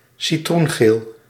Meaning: lemon (colour/color)
- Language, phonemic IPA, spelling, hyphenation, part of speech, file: Dutch, /siˌtrunˈɣeːl/, citroengeel, ci‧troen‧geel, noun, Nl-citroengeel.ogg